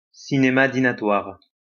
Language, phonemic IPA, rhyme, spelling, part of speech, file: French, /di.na.twaʁ/, -waʁ, dinatoire, adjective, LL-Q150 (fra)-dinatoire.wav
- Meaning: dinnerlike